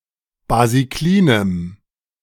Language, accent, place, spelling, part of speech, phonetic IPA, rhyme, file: German, Germany, Berlin, basiklinem, adjective, [baziˈkliːnəm], -iːnəm, De-basiklinem.ogg
- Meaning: strong dative masculine/neuter singular of basiklin